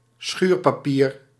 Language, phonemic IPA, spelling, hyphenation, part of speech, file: Dutch, /ˈsxyːr.paːˌpiːr/, schuurpapier, schuur‧pa‧pier, noun, Nl-schuurpapier.ogg
- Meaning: sandpaper, abrasive paper